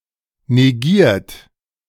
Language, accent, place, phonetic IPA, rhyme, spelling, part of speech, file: German, Germany, Berlin, [neˈɡiːɐ̯t], -iːɐ̯t, negiert, verb, De-negiert.ogg
- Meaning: 1. past participle of negieren 2. inflection of negieren: second-person plural present 3. inflection of negieren: third-person singular present 4. inflection of negieren: plural imperative